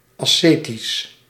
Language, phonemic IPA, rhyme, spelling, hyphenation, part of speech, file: Dutch, /ˌɑˈseː.tis/, -eːtis, ascetisch, as‧ce‧tisch, adjective, Nl-ascetisch.ogg
- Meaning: ascetic, relating to asceticism or ascetics